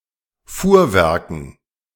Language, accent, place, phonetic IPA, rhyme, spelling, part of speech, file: German, Germany, Berlin, [ˈfuːɐ̯ˌvɛʁkn̩], -uːɐ̯vɛʁkn̩, Fuhrwerken, noun, De-Fuhrwerken.ogg
- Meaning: plural of Fuhrwerk